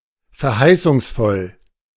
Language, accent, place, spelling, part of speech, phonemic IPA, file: German, Germany, Berlin, verheißungsvoll, adjective, /fɛɐ̯ˈhaɪ̯sʊŋsˌfɔl/, De-verheißungsvoll.ogg
- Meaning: 1. promising, auspicious 2. alluring